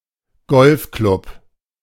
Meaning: golf club (organization)
- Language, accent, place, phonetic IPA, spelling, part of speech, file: German, Germany, Berlin, [ˈɡɔlfklʊp], Golfklub, noun, De-Golfklub.ogg